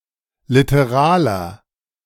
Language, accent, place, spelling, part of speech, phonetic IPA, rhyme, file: German, Germany, Berlin, literaler, adjective, [ˌlɪtəˈʁaːlɐ], -aːlɐ, De-literaler.ogg
- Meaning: inflection of literal: 1. strong/mixed nominative masculine singular 2. strong genitive/dative feminine singular 3. strong genitive plural